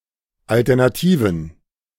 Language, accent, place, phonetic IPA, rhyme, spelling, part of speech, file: German, Germany, Berlin, [ˌaltɛʁnaˈtiːvn̩], -iːvn̩, alternativen, adjective, De-alternativen.ogg
- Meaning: inflection of alternativ: 1. strong genitive masculine/neuter singular 2. weak/mixed genitive/dative all-gender singular 3. strong/weak/mixed accusative masculine singular 4. strong dative plural